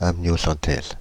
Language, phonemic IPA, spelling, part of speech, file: French, /am.njɔ.sɑ̃.tɛz/, amniocentèse, noun, Fr-amniocentèse.ogg
- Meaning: amniocentesis